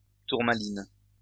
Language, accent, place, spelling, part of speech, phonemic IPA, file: French, France, Lyon, tourmaline, noun, /tuʁ.ma.lin/, LL-Q150 (fra)-tourmaline.wav
- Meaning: tourmaline